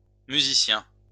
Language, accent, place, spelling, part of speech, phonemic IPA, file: French, France, Lyon, musiciens, noun, /my.zi.sjɛ̃/, LL-Q150 (fra)-musiciens.wav
- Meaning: plural of musicien (“musician”)